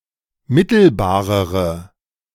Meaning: inflection of mittelbar: 1. strong/mixed nominative/accusative feminine singular comparative degree 2. strong nominative/accusative plural comparative degree
- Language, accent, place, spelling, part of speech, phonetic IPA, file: German, Germany, Berlin, mittelbarere, adjective, [ˈmɪtl̩baːʁəʁə], De-mittelbarere.ogg